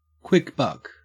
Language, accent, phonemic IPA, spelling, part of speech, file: English, Australia, /ˌkwɪk ˈbʌk/, quick buck, noun, En-au-quick buck.ogg
- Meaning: A large sum of money earned easily and quickly